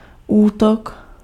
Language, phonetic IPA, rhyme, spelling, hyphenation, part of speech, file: Czech, [ˈuːtok], -tok, útok, útok, noun, Cs-útok.ogg
- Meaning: 1. attack 2. forward line